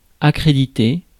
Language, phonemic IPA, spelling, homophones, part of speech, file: French, /a.kʁe.di.te/, accréditer, accréditai / accrédité / accréditée / accréditées / accrédités / accréditez, verb, Fr-accréditer.ogg
- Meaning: accredit